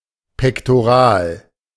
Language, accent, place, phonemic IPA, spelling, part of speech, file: German, Germany, Berlin, /pɛktoˈʁaːl/, pektoral, adjective, De-pektoral.ogg
- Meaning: pectoral